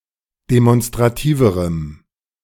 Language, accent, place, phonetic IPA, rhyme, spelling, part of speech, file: German, Germany, Berlin, [demɔnstʁaˈtiːvəʁəm], -iːvəʁəm, demonstrativerem, adjective, De-demonstrativerem.ogg
- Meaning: strong dative masculine/neuter singular comparative degree of demonstrativ